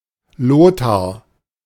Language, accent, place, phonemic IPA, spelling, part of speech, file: German, Germany, Berlin, /ˈloːtaʁ/, Lothar, proper noun, De-Lothar.ogg
- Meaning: a male given name from Old High German, borne by medieval Frankish royalty